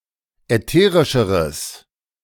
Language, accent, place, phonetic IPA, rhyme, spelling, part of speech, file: German, Germany, Berlin, [ɛˈteːʁɪʃəʁəs], -eːʁɪʃəʁəs, ätherischeres, adjective, De-ätherischeres.ogg
- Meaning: strong/mixed nominative/accusative neuter singular comparative degree of ätherisch